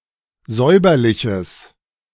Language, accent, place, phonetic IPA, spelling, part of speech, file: German, Germany, Berlin, [ˈzɔɪ̯bɐlɪçəs], säuberliches, adjective, De-säuberliches.ogg
- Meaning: strong/mixed nominative/accusative neuter singular of säuberlich